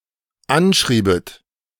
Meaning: second-person plural dependent subjunctive II of anschreiben
- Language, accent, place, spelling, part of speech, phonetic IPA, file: German, Germany, Berlin, anschriebet, verb, [ˈanˌʃʁiːbət], De-anschriebet.ogg